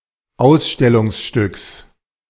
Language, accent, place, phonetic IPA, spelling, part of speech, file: German, Germany, Berlin, [ˈaʊ̯sʃtɛlʊŋsˌʃtʏks], Ausstellungsstücks, noun, De-Ausstellungsstücks.ogg
- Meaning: genitive singular of Ausstellungsstück